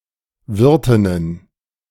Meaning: plural of Wirtin
- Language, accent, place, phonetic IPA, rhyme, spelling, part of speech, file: German, Germany, Berlin, [ˈvɪʁtɪnən], -ɪʁtɪnən, Wirtinnen, noun, De-Wirtinnen.ogg